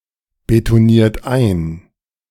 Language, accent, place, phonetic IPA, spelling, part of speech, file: German, Germany, Berlin, [betoˌniːɐ̯t ˈaɪ̯n], betoniert ein, verb, De-betoniert ein.ogg
- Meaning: inflection of einbetonieren: 1. third-person singular present 2. second-person plural present 3. plural imperative